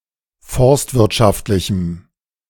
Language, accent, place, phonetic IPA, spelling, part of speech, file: German, Germany, Berlin, [ˈfɔʁstvɪʁtˌʃaftlɪçm̩], forstwirtschaftlichem, adjective, De-forstwirtschaftlichem.ogg
- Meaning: strong dative masculine/neuter singular of forstwirtschaftlich